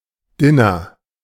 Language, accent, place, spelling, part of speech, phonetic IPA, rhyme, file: German, Germany, Berlin, Diner, noun, [diˈneː], -eː, De-Diner.ogg
- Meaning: diner (eatery)